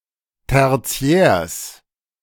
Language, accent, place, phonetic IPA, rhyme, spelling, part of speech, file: German, Germany, Berlin, [tɛʁˈt͡si̯ɛːɐ̯s], -ɛːɐ̯s, Tertiärs, noun, De-Tertiärs.ogg
- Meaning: genitive singular of Tertiär